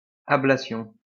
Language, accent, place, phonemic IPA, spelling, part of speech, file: French, France, Lyon, /a.bla.sjɔ̃/, ablation, noun, LL-Q150 (fra)-ablation.wav
- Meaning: 1. the often forceful removal (physical or otherwise) or abolition of something 2. ablation